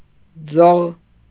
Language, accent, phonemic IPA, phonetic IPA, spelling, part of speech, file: Armenian, Eastern Armenian, /d͡zoʁ/, [d͡zoʁ], ձող, noun, Hy-ձող.ogg
- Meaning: pole; rod; bar; shaft